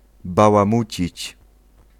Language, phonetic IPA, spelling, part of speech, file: Polish, [ˌbawãˈmut͡ɕit͡ɕ], bałamucić, verb, Pl-bałamucić.ogg